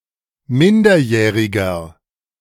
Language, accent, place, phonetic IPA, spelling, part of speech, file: German, Germany, Berlin, [ˈmɪndɐˌjɛːʁɪɡɐ], minderjähriger, adjective, De-minderjähriger.ogg
- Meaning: inflection of minderjährig: 1. strong/mixed nominative masculine singular 2. strong genitive/dative feminine singular 3. strong genitive plural